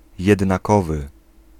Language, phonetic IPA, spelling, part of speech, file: Polish, [ˌjɛdnaˈkɔvɨ], jednakowy, adjective, Pl-jednakowy.ogg